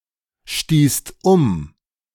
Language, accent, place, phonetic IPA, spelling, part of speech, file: German, Germany, Berlin, [ˌʃtiːst ˈʊm], stießt um, verb, De-stießt um.ogg
- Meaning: second-person singular/plural preterite of umstoßen